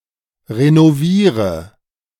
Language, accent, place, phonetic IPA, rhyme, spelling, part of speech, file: German, Germany, Berlin, [ʁenoˈviːʁə], -iːʁə, renoviere, verb, De-renoviere.ogg
- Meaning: inflection of renovieren: 1. first-person singular present 2. singular imperative 3. first/third-person singular subjunctive I